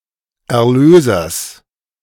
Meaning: genitive of Erlöser
- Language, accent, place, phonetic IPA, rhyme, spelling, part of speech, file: German, Germany, Berlin, [ɛɐ̯ˈløːzɐs], -øːzɐs, Erlösers, noun, De-Erlösers.ogg